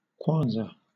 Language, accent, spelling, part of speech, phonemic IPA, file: English, Southern England, kwanza, noun, /ˈkwɑːnzə/, LL-Q1860 (eng)-kwanza.wav
- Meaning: The currency of Angola, symbol Kz, divided into a hundred cêntimos